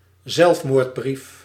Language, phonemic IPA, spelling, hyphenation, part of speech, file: Dutch, /ˈzɛlf.moːrtˌbrif/, zelfmoordbrief, zelf‧moord‧brief, noun, Nl-zelfmoordbrief.ogg
- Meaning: suicide note